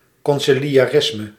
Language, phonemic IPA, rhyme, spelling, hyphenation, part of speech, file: Dutch, /ˌkɔn.si.li.aːˈrɪs.mə/, -ɪsmə, conciliarisme, con‧ci‧li‧a‧ris‧me, noun, Nl-conciliarisme.ogg
- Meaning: conciliarism (view that church councils should be the supreme authority in the Roman Catholic Church)